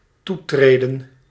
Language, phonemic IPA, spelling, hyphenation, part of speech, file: Dutch, /ˈtuˌtreː.də(n)/, toetreden, toe‧tre‧den, verb, Nl-toetreden.ogg
- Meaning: to accede, join